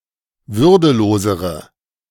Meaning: inflection of würdelos: 1. strong/mixed nominative/accusative feminine singular comparative degree 2. strong nominative/accusative plural comparative degree
- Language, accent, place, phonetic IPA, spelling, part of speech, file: German, Germany, Berlin, [ˈvʏʁdəˌloːzəʁə], würdelosere, adjective, De-würdelosere.ogg